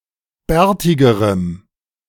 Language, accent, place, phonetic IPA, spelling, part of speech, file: German, Germany, Berlin, [ˈbɛːɐ̯tɪɡəʁəm], bärtigerem, adjective, De-bärtigerem.ogg
- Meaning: strong dative masculine/neuter singular comparative degree of bärtig